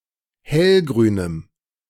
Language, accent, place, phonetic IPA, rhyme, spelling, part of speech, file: German, Germany, Berlin, [ˈhɛlɡʁyːnəm], -ɛlɡʁyːnəm, hellgrünem, adjective, De-hellgrünem.ogg
- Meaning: strong dative masculine/neuter singular of hellgrün